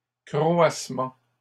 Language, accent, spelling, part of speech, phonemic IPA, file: French, Canada, croassements, noun, /kʁɔ.as.mɑ̃/, LL-Q150 (fra)-croassements.wav
- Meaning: plural of croassement